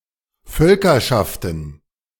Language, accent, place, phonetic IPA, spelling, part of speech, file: German, Germany, Berlin, [ˈfœlkɐʃaftn̩], Völkerschaften, noun, De-Völkerschaften.ogg
- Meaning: plural of Völkerschaft